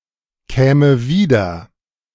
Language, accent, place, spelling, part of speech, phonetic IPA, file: German, Germany, Berlin, käme wieder, verb, [ˌkɛːmə ˈviːdɐ], De-käme wieder.ogg
- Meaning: first/third-person singular subjunctive II of wiederkommen